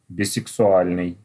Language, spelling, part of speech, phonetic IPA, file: Russian, бисексуальный, adjective, [bʲɪsɨksʊˈalʲnɨj], Ru-бисексуальный.ogg
- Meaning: bisexual (sexually attracted to persons of either sex)